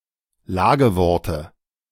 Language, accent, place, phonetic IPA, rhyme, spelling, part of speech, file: German, Germany, Berlin, [ˈlaːɡəˌvɔʁtə], -aːɡəvɔʁtə, Lageworte, noun, De-Lageworte.ogg
- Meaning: dative singular of Lagewort